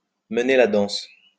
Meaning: to call the shots, to call the tune
- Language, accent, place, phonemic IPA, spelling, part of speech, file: French, France, Lyon, /mə.ne la dɑ̃s/, mener la danse, verb, LL-Q150 (fra)-mener la danse.wav